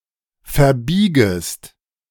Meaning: second-person singular subjunctive I of verbiegen
- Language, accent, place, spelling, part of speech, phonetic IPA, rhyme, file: German, Germany, Berlin, verbiegest, verb, [fɛɐ̯ˈbiːɡəst], -iːɡəst, De-verbiegest.ogg